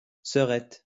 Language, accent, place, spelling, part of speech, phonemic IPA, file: French, France, Lyon, sœurette, noun, /sœ.ʁɛt/, LL-Q150 (fra)-sœurette.wav
- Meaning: little sister; sis